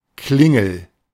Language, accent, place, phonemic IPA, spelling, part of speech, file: German, Germany, Berlin, /ˈklɪŋl̩/, Klingel, noun, De-Klingel.ogg
- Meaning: bell